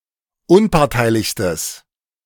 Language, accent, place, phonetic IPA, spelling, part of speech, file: German, Germany, Berlin, [ˈʊnpaʁtaɪ̯lɪçstəs], unparteilichstes, adjective, De-unparteilichstes.ogg
- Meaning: strong/mixed nominative/accusative neuter singular superlative degree of unparteilich